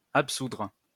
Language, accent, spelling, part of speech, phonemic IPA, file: French, France, absoudre, verb, /ap.sudʁ/, LL-Q150 (fra)-absoudre.wav
- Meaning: to absolve